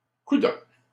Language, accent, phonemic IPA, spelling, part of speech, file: French, Canada, /ku.dɔ̃k/, coudonc, interjection, LL-Q150 (fra)-coudonc.wav
- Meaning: expressing surprise, impatience, or incomprehension